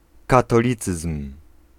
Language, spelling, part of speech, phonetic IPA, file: Polish, katolicyzm, noun, [ˌkatɔˈlʲit͡sɨsm̥], Pl-katolicyzm.ogg